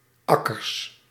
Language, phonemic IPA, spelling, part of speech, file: Dutch, /ˈɑkərs/, akkers, noun, Nl-akkers.ogg
- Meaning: plural of akker